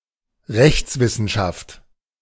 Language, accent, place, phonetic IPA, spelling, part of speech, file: German, Germany, Berlin, [ˈʁɛçt͡sˌvɪsn̩ʃaft], Rechtswissenschaft, noun, De-Rechtswissenschaft.ogg
- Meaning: jurisprudence